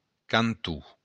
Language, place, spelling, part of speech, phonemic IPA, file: Occitan, Béarn, canton, noun, /kanˈtu/, LL-Q14185 (oci)-canton.wav
- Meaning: 1. corner 2. canton